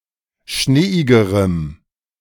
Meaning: strong dative masculine/neuter singular comparative degree of schneeig
- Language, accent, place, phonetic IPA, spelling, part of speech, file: German, Germany, Berlin, [ˈʃneːɪɡəʁəm], schneeigerem, adjective, De-schneeigerem.ogg